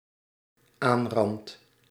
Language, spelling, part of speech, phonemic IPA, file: Dutch, aanrand, verb, /ˈanrɑnt/, Nl-aanrand.ogg
- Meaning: first-person singular dependent-clause present indicative of aanranden